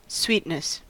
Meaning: 1. The condition of being sweet (all senses) 2. A pleasant disposition; kindness 3. The quality of giving pleasure to the mind or senses, pleasantness, agreeableness
- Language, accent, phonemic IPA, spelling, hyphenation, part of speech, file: English, General American, /ˈswitnəs/, sweetness, sweet‧ness, noun, En-us-sweetness.ogg